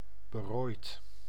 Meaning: 1. devoid of money and possessions, destitute 2. poor, miserable
- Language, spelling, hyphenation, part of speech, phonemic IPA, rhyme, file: Dutch, berooid, be‧rooid, adjective, /bəˈroːi̯t/, -oːi̯t, Nl-berooid.ogg